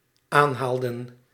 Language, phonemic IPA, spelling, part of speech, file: Dutch, /ˈanhaldə(n)/, aanhaalden, verb, Nl-aanhaalden.ogg
- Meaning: inflection of aanhalen: 1. plural dependent-clause past indicative 2. plural dependent-clause past subjunctive